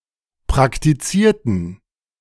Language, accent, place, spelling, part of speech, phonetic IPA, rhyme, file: German, Germany, Berlin, praktizierten, adjective / verb, [pʁaktiˈt͡siːɐ̯tn̩], -iːɐ̯tn̩, De-praktizierten.ogg
- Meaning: inflection of praktiziert: 1. strong genitive masculine/neuter singular 2. weak/mixed genitive/dative all-gender singular 3. strong/weak/mixed accusative masculine singular 4. strong dative plural